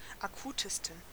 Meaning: 1. superlative degree of akut 2. inflection of akut: strong genitive masculine/neuter singular superlative degree
- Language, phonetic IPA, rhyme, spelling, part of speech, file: German, [aˈkuːtəstn̩], -uːtəstn̩, akutesten, adjective, De-akutesten.ogg